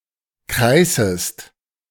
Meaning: second-person singular subjunctive I of kreißen
- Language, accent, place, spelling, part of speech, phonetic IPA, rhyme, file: German, Germany, Berlin, kreißest, verb, [ˈkʁaɪ̯səst], -aɪ̯səst, De-kreißest.ogg